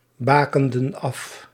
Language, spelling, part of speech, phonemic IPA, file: Dutch, bakenden af, verb, /ˈbakəndə(n) ˈɑf/, Nl-bakenden af.ogg
- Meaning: inflection of afbakenen: 1. plural past indicative 2. plural past subjunctive